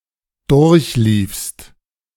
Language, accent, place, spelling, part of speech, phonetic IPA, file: German, Germany, Berlin, durchliefst, verb, [ˈdʊʁçˌliːfst], De-durchliefst.ogg
- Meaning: second-person singular preterite of durchlaufen